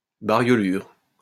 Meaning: fleck
- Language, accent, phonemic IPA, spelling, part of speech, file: French, France, /ba.ʁjɔ.lyʁ/, bariolure, noun, LL-Q150 (fra)-bariolure.wav